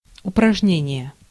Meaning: exercise
- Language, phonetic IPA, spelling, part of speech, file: Russian, [ʊprɐʐˈnʲenʲɪje], упражнение, noun, Ru-упражнение.ogg